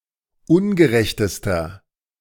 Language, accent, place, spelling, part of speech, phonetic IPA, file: German, Germany, Berlin, ungerechtester, adjective, [ˈʊnɡəˌʁɛçtəstɐ], De-ungerechtester.ogg
- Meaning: inflection of ungerecht: 1. strong/mixed nominative masculine singular superlative degree 2. strong genitive/dative feminine singular superlative degree 3. strong genitive plural superlative degree